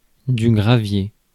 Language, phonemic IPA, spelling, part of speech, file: French, /ɡʁa.vje/, gravier, noun, Fr-gravier.ogg
- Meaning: 1. gravel (small fragments of rock) 2. crushed rocks between 5 and 40 mm in diameter (used on unpaved roads, in gardens to increase drainage, etc.) 3. gravel, kidney stones, gallstones